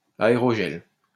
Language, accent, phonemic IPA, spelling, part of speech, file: French, France, /a.e.ʁɔ.ʒɛl/, aérogel, noun, LL-Q150 (fra)-aérogel.wav
- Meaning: aerogel